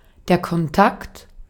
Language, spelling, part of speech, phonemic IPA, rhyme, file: German, Kontakt, noun, /kɔnˈtakt/, -akt, De-at-Kontakt.ogg
- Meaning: 1. contact 2. junction